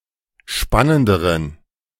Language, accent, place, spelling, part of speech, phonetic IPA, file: German, Germany, Berlin, spannenderen, adjective, [ˈʃpanəndəʁən], De-spannenderen.ogg
- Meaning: inflection of spannend: 1. strong genitive masculine/neuter singular comparative degree 2. weak/mixed genitive/dative all-gender singular comparative degree